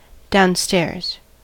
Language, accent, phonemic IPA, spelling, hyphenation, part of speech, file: English, US, /daʊnˈstɛɹz/, downstairs, down‧stairs, adjective / adverb / noun, En-us-downstairs.ogg
- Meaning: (adjective) 1. Located on a lower floor 2. Originating in or associated with a lower, embedded clause, as opposed to the matrix clause; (adverb) 1. Down the stairs 2. In or to hell